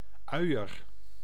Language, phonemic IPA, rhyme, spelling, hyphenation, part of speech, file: Dutch, /ˈœy̯ər/, -œy̯ər, uier, ui‧er, noun, Nl-uier.ogg
- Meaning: udder